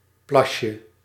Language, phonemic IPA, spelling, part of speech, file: Dutch, /ˈplɑʃə/, plasje, noun, Nl-plasje.ogg
- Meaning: diminutive of plas